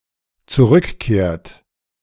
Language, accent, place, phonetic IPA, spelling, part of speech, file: German, Germany, Berlin, [t͡suˈʁʏkˌkeːɐ̯t], zurückkehrt, verb, De-zurückkehrt.ogg
- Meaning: inflection of zurückkehren: 1. third-person singular dependent present 2. second-person plural dependent present